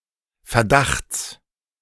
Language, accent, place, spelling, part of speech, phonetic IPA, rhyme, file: German, Germany, Berlin, Verdachts, noun, [fɛɐ̯ˈdaxt͡s], -axt͡s, De-Verdachts.ogg
- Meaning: genitive singular of Verdacht